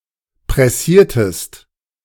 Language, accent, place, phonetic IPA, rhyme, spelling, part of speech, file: German, Germany, Berlin, [pʁɛˈsiːɐ̯təst], -iːɐ̯təst, pressiertest, verb, De-pressiertest.ogg
- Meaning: inflection of pressieren: 1. second-person singular preterite 2. second-person singular subjunctive II